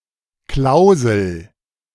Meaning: 1. term (limitation, restriction or regulation) 2. clause (separate part of a contract)
- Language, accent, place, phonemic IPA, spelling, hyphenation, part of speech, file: German, Germany, Berlin, /ˈklaʊzl̩/, Klausel, Klau‧sel, noun, De-Klausel.ogg